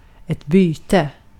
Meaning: 1. a change; changing (replacing) 2. a change; changing (replacing): an exchange; a trade 3. a prey 4. a catch, a plunder, a loot
- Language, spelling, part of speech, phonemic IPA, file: Swedish, byte, noun, /ˈbyːtɛ/, Sv-byte.ogg